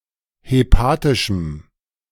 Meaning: strong dative masculine/neuter singular of hepatisch
- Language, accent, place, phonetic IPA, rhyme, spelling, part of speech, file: German, Germany, Berlin, [heˈpaːtɪʃm̩], -aːtɪʃm̩, hepatischem, adjective, De-hepatischem.ogg